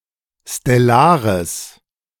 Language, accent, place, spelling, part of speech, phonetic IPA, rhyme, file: German, Germany, Berlin, stellares, adjective, [stɛˈlaːʁəs], -aːʁəs, De-stellares.ogg
- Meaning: strong/mixed nominative/accusative neuter singular of stellar